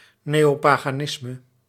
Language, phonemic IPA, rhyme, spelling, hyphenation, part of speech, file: Dutch, /ˌneː.oː.paː.ɣaːˈnɪs.mə/, -ɪsmə, neopaganisme, neo‧pa‧ga‧nis‧me, noun, Nl-neopaganisme.ogg
- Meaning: neopaganism